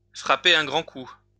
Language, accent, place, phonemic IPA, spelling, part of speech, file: French, France, Lyon, /fʁa.pe.ʁ‿œ̃ ɡʁɑ̃ ku/, frapper un grand coup, verb, LL-Q150 (fra)-frapper un grand coup.wav
- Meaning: make a splash, hit hard